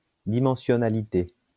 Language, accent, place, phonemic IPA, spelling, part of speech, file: French, France, Lyon, /di.mɑ̃.sjɔ.na.li.te/, dimensionnalité, noun, LL-Q150 (fra)-dimensionnalité.wav
- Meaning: dimensionality